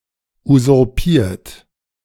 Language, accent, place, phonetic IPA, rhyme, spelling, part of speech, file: German, Germany, Berlin, [uzʊʁˈpiːɐ̯t], -iːɐ̯t, usurpiert, verb, De-usurpiert.ogg
- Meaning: 1. past participle of usurpieren 2. inflection of usurpieren: third-person singular present 3. inflection of usurpieren: second-person plural present 4. inflection of usurpieren: plural imperative